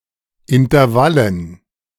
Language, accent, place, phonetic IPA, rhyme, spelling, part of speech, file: German, Germany, Berlin, [ɪntɐˈvalən], -alən, Intervallen, noun, De-Intervallen.ogg
- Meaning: dative plural of Intervall